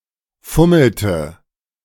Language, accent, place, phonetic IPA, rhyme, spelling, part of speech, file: German, Germany, Berlin, [ˈfʊml̩tə], -ʊml̩tə, fummelte, verb, De-fummelte.ogg
- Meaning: inflection of fummeln: 1. first/third-person singular preterite 2. first/third-person singular subjunctive II